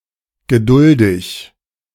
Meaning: patient (ability or willingness to accept or tolerate delays, problems, or suffering)
- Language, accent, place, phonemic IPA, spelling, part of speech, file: German, Germany, Berlin, /ɡəˈdʊldɪç/, geduldig, adjective, De-geduldig.ogg